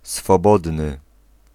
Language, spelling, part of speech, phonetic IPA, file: Polish, swobodny, adjective, [sfɔˈbɔdnɨ], Pl-swobodny.ogg